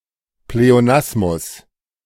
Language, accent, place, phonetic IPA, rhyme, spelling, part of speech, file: German, Germany, Berlin, [pleoˈnasmʊs], -asmʊs, Pleonasmus, noun, De-Pleonasmus.ogg
- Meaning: pleonasm